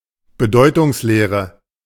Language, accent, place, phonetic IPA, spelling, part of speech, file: German, Germany, Berlin, [bəˈdɔɪ̯tʊŋsˌleːʁə], Bedeutungslehre, noun, De-Bedeutungslehre.ogg
- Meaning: semantics (study of the meaning of words)